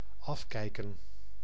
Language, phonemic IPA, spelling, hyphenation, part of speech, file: Dutch, /ˈɑfkɛi̯kə(n)/, afkijken, af‧kij‧ken, verb, Nl-afkijken.ogg
- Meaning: 1. to crib, to plagiarize, to cheat by copying another's work 2. to learn by watching